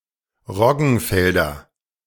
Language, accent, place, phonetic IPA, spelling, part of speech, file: German, Germany, Berlin, [ˈʁɔɡn̩ˌfɛldɐ], Roggenfelder, noun, De-Roggenfelder.ogg
- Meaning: nominative/accusative/genitive plural of Roggenfeld